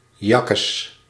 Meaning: Expression of disgust or revulsion: yuck, ew, bah
- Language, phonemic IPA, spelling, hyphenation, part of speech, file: Dutch, /ˈjɑ.kəs/, jakkes, jak‧kes, interjection, Nl-jakkes.ogg